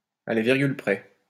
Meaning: to the letter
- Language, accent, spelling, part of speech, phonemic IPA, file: French, France, à la virgule près, adverb, /a la viʁ.ɡyl pʁɛ/, LL-Q150 (fra)-à la virgule près.wav